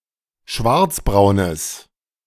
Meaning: strong/mixed nominative/accusative neuter singular of schwarzbraun
- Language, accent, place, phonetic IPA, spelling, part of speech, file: German, Germany, Berlin, [ˈʃvaʁt͡sbʁaʊ̯nəs], schwarzbraunes, adjective, De-schwarzbraunes.ogg